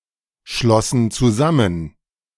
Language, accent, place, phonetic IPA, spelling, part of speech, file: German, Germany, Berlin, [ˌʃlɔsn̩ t͡suˈzamən], schlossen zusammen, verb, De-schlossen zusammen.ogg
- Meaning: first/third-person plural preterite of zusammenschließen